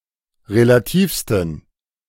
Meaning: 1. superlative degree of relativ 2. inflection of relativ: strong genitive masculine/neuter singular superlative degree
- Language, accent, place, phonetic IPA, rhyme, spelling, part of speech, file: German, Germany, Berlin, [ʁelaˈtiːfstn̩], -iːfstn̩, relativsten, adjective, De-relativsten.ogg